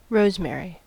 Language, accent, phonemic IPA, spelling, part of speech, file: English, US, /ˈɹoʊzˌmɛəɹi/, rosemary, noun, En-us-rosemary.ogg
- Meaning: A shrub, Salvia rosmarinus (formerly Rosmarinus officinalis), that originates from Europe and Asia Minor and produces a fragrant herb used in cooking and perfumes